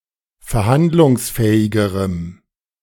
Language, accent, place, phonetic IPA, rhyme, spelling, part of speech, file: German, Germany, Berlin, [fɛɐ̯ˈhandlʊŋsˌfɛːɪɡəʁəm], -andlʊŋsfɛːɪɡəʁəm, verhandlungsfähigerem, adjective, De-verhandlungsfähigerem.ogg
- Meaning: strong dative masculine/neuter singular comparative degree of verhandlungsfähig